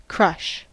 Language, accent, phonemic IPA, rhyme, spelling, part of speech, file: English, US, /kɹʌʃ/, -ʌʃ, crush, noun / verb, En-us-crush.ogg
- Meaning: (noun) 1. A violent collision or compression; a crash; destruction; ruin 2. Violent pressure, as of a moving crowd 3. A violent crowding 4. A crowd that produces uncomfortable pressure